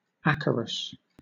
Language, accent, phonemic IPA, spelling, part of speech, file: English, Southern England, /ˈæk.ə.ɹəs/, acarus, noun, LL-Q1860 (eng)-acarus.wav
- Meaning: Any member of the subclass Acari (aka Acarina): thus, a mite or a tick; specifically, any mite of the genus Acarus